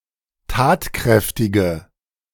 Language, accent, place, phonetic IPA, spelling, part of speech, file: German, Germany, Berlin, [ˈtaːtˌkʁɛftɪɡə], tatkräftige, adjective, De-tatkräftige.ogg
- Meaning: inflection of tatkräftig: 1. strong/mixed nominative/accusative feminine singular 2. strong nominative/accusative plural 3. weak nominative all-gender singular